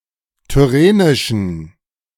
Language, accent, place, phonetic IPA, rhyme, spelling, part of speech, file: German, Germany, Berlin, [tʏˈʁeːnɪʃn̩], -eːnɪʃn̩, tyrrhenischen, adjective, De-tyrrhenischen.ogg
- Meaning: inflection of tyrrhenisch: 1. strong genitive masculine/neuter singular 2. weak/mixed genitive/dative all-gender singular 3. strong/weak/mixed accusative masculine singular 4. strong dative plural